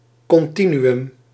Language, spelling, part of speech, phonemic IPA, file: Dutch, continuüm, noun, /ˌkɔnˈti.ny.ʏm/, Nl-continuüm.ogg
- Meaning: continuum